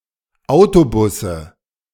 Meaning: nominative/accusative/genitive plural of Autobus
- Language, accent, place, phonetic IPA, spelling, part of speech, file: German, Germany, Berlin, [ˈaʊ̯toˌbʊsə], Autobusse, noun, De-Autobusse.ogg